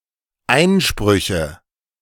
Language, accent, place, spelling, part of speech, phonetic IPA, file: German, Germany, Berlin, Einsprüche, noun, [ˈaɪ̯nˌʃpʁʏçə], De-Einsprüche.ogg
- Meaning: nominative/accusative/genitive plural of Einspruch